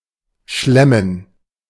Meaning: to debauch, feast
- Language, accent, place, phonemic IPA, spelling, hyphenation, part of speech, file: German, Germany, Berlin, /ˈʃlemən/, schlemmen, schlem‧men, verb, De-schlemmen.ogg